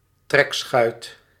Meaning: trekschuit: a historical canal horse-drawn boat transporting passengers and goods
- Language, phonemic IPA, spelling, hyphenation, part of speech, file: Dutch, /ˈtrɛk.sxœy̯t/, trekschuit, trek‧schuit, noun, Nl-trekschuit.ogg